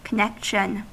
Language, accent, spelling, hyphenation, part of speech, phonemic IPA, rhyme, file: English, US, connexion, con‧nex‧ion, noun, /kəˈnɛkʃən/, -ɛkʃən, En-us-connexion.ogg
- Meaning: 1. Dated spelling of connection 2. A Methodist denomination as a whole, as opposed to its constituent churches, circuits, districts and conferences (US spelling: connection)